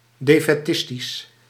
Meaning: defeatist
- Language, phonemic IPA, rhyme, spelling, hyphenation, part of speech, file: Dutch, /ˌdeː.fɛˈtɪs.tis/, -ɪstis, defaitistisch, de‧fai‧tis‧tisch, adjective, Nl-defaitistisch.ogg